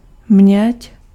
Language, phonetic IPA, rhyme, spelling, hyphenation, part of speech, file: Czech, [ˈmɲɛc], -ɛc, měď, měď, noun, Cs-měď.ogg
- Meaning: copper (chemical element)